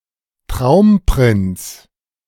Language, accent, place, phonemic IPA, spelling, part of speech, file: German, Germany, Berlin, /ˈtʁaʊ̯mˌpʁɪnt͡s/, Traumprinz, noun, De-Traumprinz.ogg
- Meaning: Prince Charming, dream prince, man of one's dreams (idealized romantic partner)